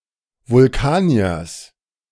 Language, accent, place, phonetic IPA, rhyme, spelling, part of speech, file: German, Germany, Berlin, [vʊlˈkaːni̯ɐs], -aːni̯ɐs, Vulkaniers, noun, De-Vulkaniers.ogg
- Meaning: genitive singular of Vulkanier